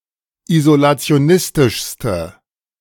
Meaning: inflection of isolationistisch: 1. strong/mixed nominative/accusative feminine singular superlative degree 2. strong nominative/accusative plural superlative degree
- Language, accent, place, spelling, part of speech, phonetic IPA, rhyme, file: German, Germany, Berlin, isolationistischste, adjective, [izolat͡si̯oˈnɪstɪʃstə], -ɪstɪʃstə, De-isolationistischste.ogg